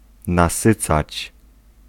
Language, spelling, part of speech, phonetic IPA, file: Polish, nasycać, verb, [naˈsɨt͡sat͡ɕ], Pl-nasycać.ogg